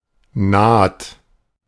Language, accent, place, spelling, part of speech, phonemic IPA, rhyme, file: German, Germany, Berlin, Naht, noun, /naːt/, -aːt, De-Naht.ogg
- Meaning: 1. seam 2. suture, seam 3. weld